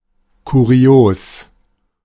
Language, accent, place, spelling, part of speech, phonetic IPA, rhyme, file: German, Germany, Berlin, kurios, adjective, [kuˈʁi̯oːs], -oːs, De-kurios.ogg
- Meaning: curious, odd, bizarre